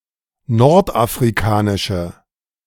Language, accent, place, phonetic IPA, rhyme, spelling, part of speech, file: German, Germany, Berlin, [ˌnɔʁtʔafʁiˈkaːnɪʃə], -aːnɪʃə, nordafrikanische, adjective, De-nordafrikanische.ogg
- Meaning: inflection of nordafrikanisch: 1. strong/mixed nominative/accusative feminine singular 2. strong nominative/accusative plural 3. weak nominative all-gender singular